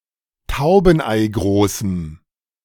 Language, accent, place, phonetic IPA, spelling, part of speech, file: German, Germany, Berlin, [ˈtaʊ̯bn̩ʔaɪ̯ˌɡʁoːsm̩], taubeneigroßem, adjective, De-taubeneigroßem.ogg
- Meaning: strong dative masculine/neuter singular of taubeneigroß